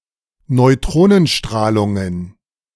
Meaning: plural of Neutronenstrahlung
- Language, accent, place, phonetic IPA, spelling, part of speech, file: German, Germany, Berlin, [nɔɪ̯ˈtʁoːnənˌʃtʁaːlʊŋən], Neutronenstrahlungen, noun, De-Neutronenstrahlungen.ogg